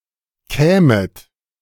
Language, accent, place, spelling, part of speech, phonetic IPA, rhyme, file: German, Germany, Berlin, kämet, verb, [ˈkɛːmət], -ɛːmət, De-kämet.ogg
- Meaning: second-person plural subjunctive II of kommen